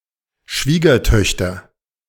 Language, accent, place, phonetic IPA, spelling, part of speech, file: German, Germany, Berlin, [ˈʃviːɡɐˌtœçtɐ], Schwiegertöchter, noun, De-Schwiegertöchter.ogg
- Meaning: nominative/accusative/genitive plural of Schwiegertochter